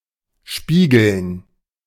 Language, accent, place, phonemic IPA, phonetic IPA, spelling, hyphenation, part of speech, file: German, Germany, Berlin, /ˈʃpiːɡəln/, [ˈʃpiːɡl̩n], spiegeln, spie‧geln, verb, De-spiegeln.ogg
- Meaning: to mirror